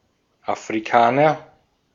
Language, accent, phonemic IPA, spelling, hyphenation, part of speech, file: German, Austria, /ʔafʁiˈkaːnɐ/, Afrikaner, Afri‧ka‧ner, noun, De-at-Afrikaner.ogg
- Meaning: African (person)